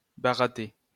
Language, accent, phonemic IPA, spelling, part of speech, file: French, France, /ba.ʁa.te/, baratter, verb, LL-Q150 (fra)-baratter.wav
- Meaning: to churn (agitate rapidly)